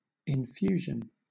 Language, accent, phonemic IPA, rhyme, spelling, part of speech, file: English, Southern England, /ɪnˈfjuːʒən/, -uːʒən, infusion, noun, LL-Q1860 (eng)-infusion.wav
- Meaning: A product consisting of a liquid which has had other ingredients steeped in it to extract useful qualities